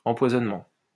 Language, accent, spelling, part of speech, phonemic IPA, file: French, France, empoisonnement, noun, /ɑ̃.pwa.zɔn.mɑ̃/, LL-Q150 (fra)-empoisonnement.wav
- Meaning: poisoning